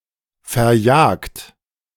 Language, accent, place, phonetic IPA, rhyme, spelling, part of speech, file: German, Germany, Berlin, [fɛɐ̯ˈjaːkt], -aːkt, verjagt, verb, De-verjagt.ogg
- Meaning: 1. past participle of verjagen 2. inflection of verjagen: second-person plural present 3. inflection of verjagen: third-person singular present 4. inflection of verjagen: plural imperative